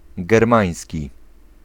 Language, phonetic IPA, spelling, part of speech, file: Polish, [ɡɛrˈmãj̃sʲci], germański, adjective, Pl-germański.ogg